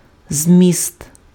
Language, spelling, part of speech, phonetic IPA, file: Ukrainian, зміст, noun, [zʲmʲist], Uk-зміст.ogg
- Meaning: 1. meaning, essence, substance 2. content, contents